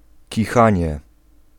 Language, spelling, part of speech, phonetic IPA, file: Polish, kichanie, noun, [ciˈxãɲɛ], Pl-kichanie.ogg